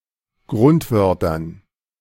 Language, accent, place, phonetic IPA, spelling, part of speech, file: German, Germany, Berlin, [ˈɡʁʊntˌvœʁtɐn], Grundwörtern, noun, De-Grundwörtern.ogg
- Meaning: dative plural of Grundwort